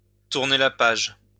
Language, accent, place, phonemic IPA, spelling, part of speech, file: French, France, Lyon, /tuʁ.ne la paʒ/, tourner la page, verb, LL-Q150 (fra)-tourner la page.wav
- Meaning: to turn the page, to move on